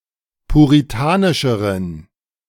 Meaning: inflection of puritanisch: 1. strong genitive masculine/neuter singular comparative degree 2. weak/mixed genitive/dative all-gender singular comparative degree
- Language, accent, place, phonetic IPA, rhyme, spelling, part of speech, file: German, Germany, Berlin, [puʁiˈtaːnɪʃəʁən], -aːnɪʃəʁən, puritanischeren, adjective, De-puritanischeren.ogg